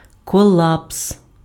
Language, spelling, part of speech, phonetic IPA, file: Ukrainian, колапс, noun, [kɔˈɫaps], Uk-колапс.ogg
- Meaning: collapse